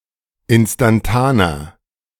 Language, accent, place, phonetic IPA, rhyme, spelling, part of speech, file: German, Germany, Berlin, [ˌɪnstanˈtaːnɐ], -aːnɐ, instantaner, adjective, De-instantaner.ogg
- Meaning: inflection of instantan: 1. strong/mixed nominative masculine singular 2. strong genitive/dative feminine singular 3. strong genitive plural